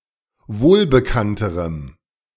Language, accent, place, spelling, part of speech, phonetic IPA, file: German, Germany, Berlin, wohlbekannterem, adjective, [ˈvoːlbəˌkantəʁəm], De-wohlbekannterem.ogg
- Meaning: strong dative masculine/neuter singular comparative degree of wohlbekannt